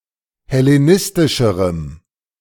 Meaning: strong dative masculine/neuter singular comparative degree of hellenistisch
- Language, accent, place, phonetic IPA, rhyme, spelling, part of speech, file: German, Germany, Berlin, [hɛleˈnɪstɪʃəʁəm], -ɪstɪʃəʁəm, hellenistischerem, adjective, De-hellenistischerem.ogg